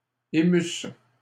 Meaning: first-person singular imperfect subjunctive of émouvoir
- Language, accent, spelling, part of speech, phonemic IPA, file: French, Canada, émusse, verb, /e.mys/, LL-Q150 (fra)-émusse.wav